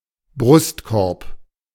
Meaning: ribcage
- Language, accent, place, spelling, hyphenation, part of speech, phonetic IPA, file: German, Germany, Berlin, Brustkorb, Brust‧korb, noun, [ˈbʁʊstˌkɔʁp], De-Brustkorb.ogg